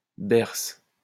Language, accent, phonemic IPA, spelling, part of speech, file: French, France, /bɛʁs/, berce, noun / verb, LL-Q150 (fra)-berce.wav
- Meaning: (noun) hogweed, any plant of the genus Heracleum; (verb) inflection of bercer: 1. first/third-person singular present indicative/subjunctive 2. second-person singular imperative